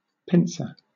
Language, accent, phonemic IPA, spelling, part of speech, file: English, Southern England, /ˈpɪnsəɹ/, pincer, noun / verb, LL-Q1860 (eng)-pincer.wav
- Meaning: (noun) Any object that resembles one half of a pair of pincers; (verb) To surround with a pincer attack